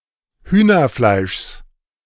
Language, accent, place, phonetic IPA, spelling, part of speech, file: German, Germany, Berlin, [ˈhyːnɐˌflaɪ̯ʃs], Hühnerfleischs, noun, De-Hühnerfleischs.ogg
- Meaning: genitive singular of Hühnerfleisch